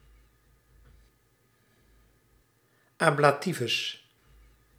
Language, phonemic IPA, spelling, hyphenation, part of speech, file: Dutch, /ˈɑ.blaːˌti.vʏs/, ablativus, ab‧la‧ti‧vus, noun, Nl-ablativus.ogg
- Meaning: ablative case